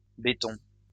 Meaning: plural of béton
- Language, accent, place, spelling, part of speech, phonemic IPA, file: French, France, Lyon, bétons, noun, /be.tɔ̃/, LL-Q150 (fra)-bétons.wav